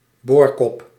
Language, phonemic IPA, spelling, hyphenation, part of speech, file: Dutch, /ˈboːr.kɔp/, boorkop, boor‧kop, noun, Nl-boorkop.ogg
- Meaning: drill bit